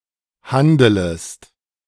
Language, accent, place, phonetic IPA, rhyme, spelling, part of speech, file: German, Germany, Berlin, [ˈhandələst], -andələst, handelest, verb, De-handelest.ogg
- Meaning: second-person singular subjunctive I of handeln